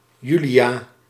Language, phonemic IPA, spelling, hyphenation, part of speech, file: Dutch, /ˈjy.li.aː/, Julia, Ju‧lia, proper noun, Nl-Julia.ogg
- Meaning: a female given name